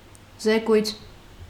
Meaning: report
- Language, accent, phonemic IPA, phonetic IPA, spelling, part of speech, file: Armenian, Eastern Armenian, /zeˈkujt͡sʰ/, [zekújt͡sʰ], զեկույց, noun, Hy-զեկույց.ogg